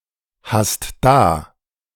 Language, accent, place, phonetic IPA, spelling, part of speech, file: German, Germany, Berlin, [ˌhast ˈdaː], hast da, verb, De-hast da.ogg
- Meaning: second-person singular present of dahaben